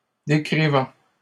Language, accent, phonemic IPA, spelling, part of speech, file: French, Canada, /de.kʁi.vɑ̃/, décrivant, verb, LL-Q150 (fra)-décrivant.wav
- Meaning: present participle of décrire